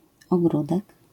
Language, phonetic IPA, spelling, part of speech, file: Polish, [ɔˈɡrudɛk], ogródek, noun, LL-Q809 (pol)-ogródek.wav